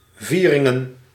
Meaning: plural of viering
- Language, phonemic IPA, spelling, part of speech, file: Dutch, /ˈvirɪŋə(n)/, vieringen, noun, Nl-vieringen.ogg